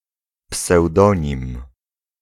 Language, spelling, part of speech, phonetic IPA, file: Polish, pseudonim, noun, [psɛwˈdɔ̃ɲĩm], Pl-pseudonim.ogg